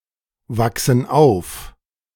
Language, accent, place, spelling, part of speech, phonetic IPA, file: German, Germany, Berlin, wachsen auf, verb, [ˌvaksn̩ ˈaʊ̯f], De-wachsen auf.ogg
- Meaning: inflection of aufwachsen: 1. first/third-person plural present 2. first/third-person plural subjunctive I